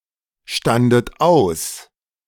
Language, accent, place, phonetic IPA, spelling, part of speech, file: German, Germany, Berlin, [ˌʃtandət ˈaʊ̯s], standet aus, verb, De-standet aus.ogg
- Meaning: second-person plural preterite of ausstehen